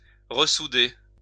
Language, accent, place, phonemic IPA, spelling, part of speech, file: French, France, Lyon, /ʁə.su.de/, ressouder, verb, LL-Q150 (fra)-ressouder.wav
- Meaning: to resolder, solder back together